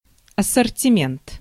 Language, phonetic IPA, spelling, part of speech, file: Russian, [ɐsərtʲɪˈmʲent], ассортимент, noun, Ru-ассортимент.ogg
- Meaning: assortment, range